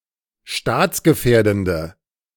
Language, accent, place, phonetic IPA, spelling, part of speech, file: German, Germany, Berlin, [ˈʃtaːt͡sɡəˌfɛːɐ̯dn̩də], staatsgefährdende, adjective, De-staatsgefährdende.ogg
- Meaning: inflection of staatsgefährdend: 1. strong/mixed nominative/accusative feminine singular 2. strong nominative/accusative plural 3. weak nominative all-gender singular